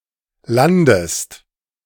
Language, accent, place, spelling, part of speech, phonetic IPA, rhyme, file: German, Germany, Berlin, landest, verb, [ˈlandəst], -andəst, De-landest.ogg
- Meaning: inflection of landen: 1. second-person singular present 2. second-person singular subjunctive I